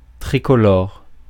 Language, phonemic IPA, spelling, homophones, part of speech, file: French, /tʁi.kɔ.lɔʁ/, tricolore, tricolores, adjective, Fr-tricolore.ogg
- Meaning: 1. tricolored 2. French flag 3. French